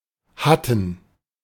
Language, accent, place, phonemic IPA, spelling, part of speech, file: German, Germany, Berlin, /ˈhatn̩/, Hatten, proper noun, De-Hatten.ogg
- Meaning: Hatten (a municipality of Oldenburg district, Lower Saxony, Germany)